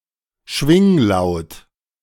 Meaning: trill
- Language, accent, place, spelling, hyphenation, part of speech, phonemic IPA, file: German, Germany, Berlin, Schwinglaut, Schwing‧laut, noun, /ˈʃvɪŋˌlaʊ̯t/, De-Schwinglaut.ogg